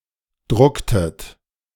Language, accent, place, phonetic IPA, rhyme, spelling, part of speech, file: German, Germany, Berlin, [ˈdʁʊktət], -ʊktət, drucktet, verb, De-drucktet.ogg
- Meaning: inflection of drucken: 1. second-person plural preterite 2. second-person plural subjunctive II